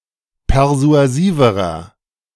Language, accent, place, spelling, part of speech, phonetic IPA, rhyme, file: German, Germany, Berlin, persuasiverer, adjective, [pɛʁzu̯aˈziːvəʁɐ], -iːvəʁɐ, De-persuasiverer.ogg
- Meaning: inflection of persuasiv: 1. strong/mixed nominative masculine singular comparative degree 2. strong genitive/dative feminine singular comparative degree 3. strong genitive plural comparative degree